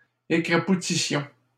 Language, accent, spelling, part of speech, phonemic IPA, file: French, Canada, écrapoutissions, verb, /e.kʁa.pu.ti.sjɔ̃/, LL-Q150 (fra)-écrapoutissions.wav
- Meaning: inflection of écrapoutir: 1. first-person plural imperfect indicative 2. first-person plural present/imperfect subjunctive